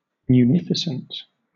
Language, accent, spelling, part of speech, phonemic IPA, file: English, Southern England, munificent, adjective, /mjuˈnɪfɪsn̩t/, LL-Q1860 (eng)-munificent.wav
- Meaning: 1. Very liberal in giving or bestowing 2. Very generous; lavish